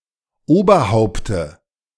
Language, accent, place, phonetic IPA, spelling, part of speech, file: German, Germany, Berlin, [ˈoːbɐˌhaʊ̯ptə], Oberhaupte, noun, De-Oberhaupte.ogg
- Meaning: dative of Oberhaupt